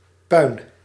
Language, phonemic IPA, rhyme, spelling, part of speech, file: Dutch, /pœy̯n/, -œy̯n, puin, noun, Nl-puin.ogg
- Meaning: 1. rubble, debris, wreckage; also as recycled building material 2. ruins